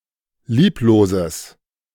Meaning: strong/mixed nominative/accusative neuter singular of lieblos
- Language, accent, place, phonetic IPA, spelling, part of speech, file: German, Germany, Berlin, [ˈliːploːzəs], liebloses, adjective, De-liebloses.ogg